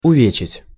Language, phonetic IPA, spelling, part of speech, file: Russian, [ʊˈvʲet͡ɕɪtʲ], увечить, verb, Ru-увечить.ogg
- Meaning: to maim, to mutilate